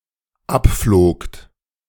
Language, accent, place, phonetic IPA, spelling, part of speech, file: German, Germany, Berlin, [ˈapfloːkt], abflogt, verb, De-abflogt.ogg
- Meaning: second-person plural dependent preterite of abfliegen